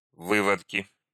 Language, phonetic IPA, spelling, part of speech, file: Russian, [ˈvɨvətkʲɪ], выводки, noun, Ru-выводки.ogg
- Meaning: nominative/accusative plural of вы́водок (vývodok)